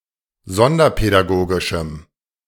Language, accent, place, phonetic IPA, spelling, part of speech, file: German, Germany, Berlin, [ˈzɔndɐpɛdaˌɡoːɡɪʃm̩], sonderpädagogischem, adjective, De-sonderpädagogischem.ogg
- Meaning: strong dative masculine/neuter singular of sonderpädagogisch